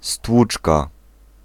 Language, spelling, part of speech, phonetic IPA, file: Polish, stłuczka, noun, [ˈstwut͡ʃka], Pl-stłuczka.ogg